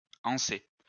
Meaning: to fix a handle (to)
- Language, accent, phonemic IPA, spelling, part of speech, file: French, France, /ɑ̃.se/, anser, verb, LL-Q150 (fra)-anser.wav